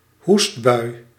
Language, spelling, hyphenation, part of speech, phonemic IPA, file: Dutch, hoestbui, hoest‧bui, noun, /ˈɦust.bœy̯/, Nl-hoestbui.ogg
- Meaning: a coughing fit